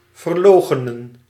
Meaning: 1. to abnegate, disavow 2. to deny, to block out (e.g. the possibility of something occurring)
- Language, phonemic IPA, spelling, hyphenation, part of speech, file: Dutch, /vərˈloː.xə.nə(n)/, verloochenen, ver‧loo‧che‧nen, verb, Nl-verloochenen.ogg